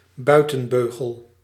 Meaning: 1. orthodontic headgear 2. external or outer brace or stay
- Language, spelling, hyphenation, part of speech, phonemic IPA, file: Dutch, buitenbeugel, bui‧ten‧beu‧gel, noun, /ˈbœy̯.tə(n)ˌbøː.ɣəl/, Nl-buitenbeugel.ogg